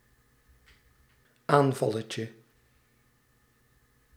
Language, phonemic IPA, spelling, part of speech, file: Dutch, /ˈaɱvɑləcə/, aanvalletje, noun, Nl-aanvalletje.ogg
- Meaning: diminutive of aanval